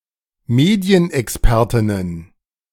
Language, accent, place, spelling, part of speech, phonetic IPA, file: German, Germany, Berlin, Medienexpertinnen, noun, [ˈmeːdi̯ənʔɛksˌpɛʁtɪnən], De-Medienexpertinnen.ogg
- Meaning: plural of Medienexpertin